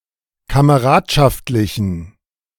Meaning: inflection of kameradschaftlich: 1. strong genitive masculine/neuter singular 2. weak/mixed genitive/dative all-gender singular 3. strong/weak/mixed accusative masculine singular
- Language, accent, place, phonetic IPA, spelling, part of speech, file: German, Germany, Berlin, [kaməˈʁaːtʃaftlɪçn̩], kameradschaftlichen, adjective, De-kameradschaftlichen.ogg